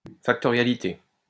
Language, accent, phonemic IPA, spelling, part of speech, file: French, France, /fak.tɔ.ʁja.li.te/, factorialité, noun, LL-Q150 (fra)-factorialité.wav
- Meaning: factoriality